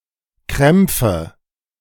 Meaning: nominative/accusative/genitive plural of Krampf
- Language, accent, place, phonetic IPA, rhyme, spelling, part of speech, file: German, Germany, Berlin, [ˈkʁɛmp͡fə], -ɛmp͡fə, Krämpfe, noun, De-Krämpfe.ogg